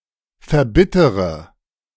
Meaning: inflection of verbittern: 1. first-person singular present 2. first-person plural subjunctive I 3. third-person singular subjunctive I 4. singular imperative
- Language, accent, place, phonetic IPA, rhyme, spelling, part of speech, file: German, Germany, Berlin, [fɛɐ̯ˈbɪtəʁə], -ɪtəʁə, verbittere, verb, De-verbittere.ogg